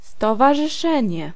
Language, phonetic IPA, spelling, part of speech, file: Polish, [ˌstɔvaʒɨˈʃɛ̃ɲɛ], stowarzyszenie, noun, Pl-stowarzyszenie.ogg